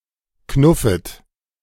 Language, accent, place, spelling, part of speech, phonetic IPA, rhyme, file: German, Germany, Berlin, knuffet, verb, [ˈknʊfət], -ʊfət, De-knuffet.ogg
- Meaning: second-person plural subjunctive I of knuffen